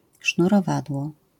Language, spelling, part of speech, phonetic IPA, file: Polish, sznurowadło, noun, [ˌʃnurɔˈvadwɔ], LL-Q809 (pol)-sznurowadło.wav